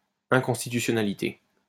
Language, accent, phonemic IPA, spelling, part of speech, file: French, France, /ɛ̃.kɔ̃s.ti.ty.sjɔ.na.li.te/, inconstitutionnalité, noun, LL-Q150 (fra)-inconstitutionnalité.wav
- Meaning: unconstitutionality